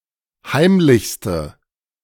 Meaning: inflection of heimlich: 1. strong/mixed nominative/accusative feminine singular superlative degree 2. strong nominative/accusative plural superlative degree
- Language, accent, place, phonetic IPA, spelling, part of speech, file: German, Germany, Berlin, [ˈhaɪ̯mlɪçstə], heimlichste, adjective, De-heimlichste.ogg